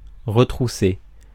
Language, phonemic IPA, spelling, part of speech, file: French, /ʁə.tʁu.se/, retrousser, verb, Fr-retrousser.ogg
- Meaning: to hitch up, hike up, roll up, pull up (a garment)